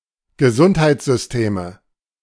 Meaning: nominative/accusative/genitive plural of Gesundheitssystem
- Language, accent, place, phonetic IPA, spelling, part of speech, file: German, Germany, Berlin, [ɡəˈzʊnthaɪ̯t͡szʏsˌteːmə], Gesundheitssysteme, noun, De-Gesundheitssysteme.ogg